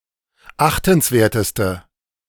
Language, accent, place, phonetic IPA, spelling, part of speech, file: German, Germany, Berlin, [ˈaxtn̩sˌveːɐ̯təstə], achtenswerteste, adjective, De-achtenswerteste.ogg
- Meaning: inflection of achtenswert: 1. strong/mixed nominative/accusative feminine singular superlative degree 2. strong nominative/accusative plural superlative degree